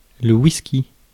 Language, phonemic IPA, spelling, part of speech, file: French, /wis.ki/, whisky, noun, Fr-whisky.ogg
- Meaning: whisky, whiskey